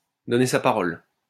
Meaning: to give one's word, to make a promise
- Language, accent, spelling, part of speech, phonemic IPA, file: French, France, donner sa parole, verb, /dɔ.ne sa pa.ʁɔl/, LL-Q150 (fra)-donner sa parole.wav